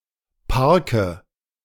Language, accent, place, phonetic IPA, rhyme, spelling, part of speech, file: German, Germany, Berlin, [ˈpaʁkə], -aʁkə, Parke, noun, De-Parke.ogg
- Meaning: nominative/accusative/genitive plural of Park